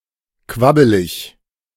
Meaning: wobbly, flabby
- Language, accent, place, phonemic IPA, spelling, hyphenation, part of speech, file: German, Germany, Berlin, /ˈkvabəlɪç/, quabbelig, quab‧be‧lig, adjective, De-quabbelig.ogg